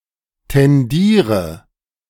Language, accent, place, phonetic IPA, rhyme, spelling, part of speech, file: German, Germany, Berlin, [tɛnˈdiːʁə], -iːʁə, tendiere, verb, De-tendiere.ogg
- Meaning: inflection of tendieren: 1. first-person singular present 2. singular imperative 3. first/third-person singular subjunctive I